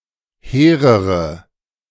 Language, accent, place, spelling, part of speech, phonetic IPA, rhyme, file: German, Germany, Berlin, hehrere, adjective, [ˈheːʁəʁə], -eːʁəʁə, De-hehrere.ogg
- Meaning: inflection of hehr: 1. strong/mixed nominative/accusative feminine singular comparative degree 2. strong nominative/accusative plural comparative degree